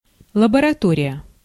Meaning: laboratory
- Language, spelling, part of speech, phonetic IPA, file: Russian, лаборатория, noun, [ɫəbərɐˈtorʲɪjə], Ru-лаборатория.ogg